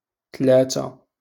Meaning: three
- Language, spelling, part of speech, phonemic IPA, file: Moroccan Arabic, تلاتة, numeral, /tlaː.ta/, LL-Q56426 (ary)-تلاتة.wav